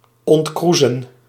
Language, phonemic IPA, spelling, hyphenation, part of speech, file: Dutch, /ˌɔntˈkru.zə(n)/, ontkroezen, ont‧kroe‧zen, verb, Nl-ontkroezen.ogg
- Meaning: to uncurl, to straighten